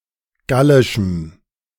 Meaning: strong dative masculine/neuter singular of gallisch
- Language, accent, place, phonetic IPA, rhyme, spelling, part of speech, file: German, Germany, Berlin, [ˈɡalɪʃm̩], -alɪʃm̩, gallischem, adjective, De-gallischem.ogg